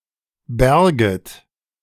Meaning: second-person plural subjunctive II of bergen
- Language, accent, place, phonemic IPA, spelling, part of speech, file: German, Germany, Berlin, /ˈbɛɐ̯ɡət/, bärget, verb, De-bärget.ogg